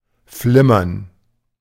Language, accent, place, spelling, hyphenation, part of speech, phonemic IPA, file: German, Germany, Berlin, flimmern, flim‧mern, verb, /ˈflɪmɐn/, De-flimmern.ogg
- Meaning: to flicker